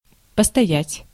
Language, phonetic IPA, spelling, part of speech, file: Russian, [pəstɐˈjætʲ], постоять, verb, Ru-постоять.ogg
- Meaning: 1. to stand (for a while) 2. to stand up 3. expresses a demand to stop or stop moving